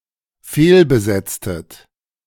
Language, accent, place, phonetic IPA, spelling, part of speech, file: German, Germany, Berlin, [ˈfeːlbəˌzɛt͡stət], fehlbesetztet, verb, De-fehlbesetztet.ogg
- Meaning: inflection of fehlbesetzen: 1. second-person plural dependent preterite 2. second-person plural dependent subjunctive II